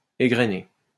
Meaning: 1. to shell, pod (maize, peas, wheat etc.) 2. to gin (cotton) 3. to ripple (flax) 4. to drop off the stalk or bunch 5. to dish out 6. to rattle off, go through (a list), tick away (time)
- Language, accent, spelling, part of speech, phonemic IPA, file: French, France, égrener, verb, /e.ɡʁə.ne/, LL-Q150 (fra)-égrener.wav